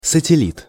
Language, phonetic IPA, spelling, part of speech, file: Russian, [sətʲɪˈlʲit], сателлит, noun, Ru-сателлит.ogg
- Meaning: satellite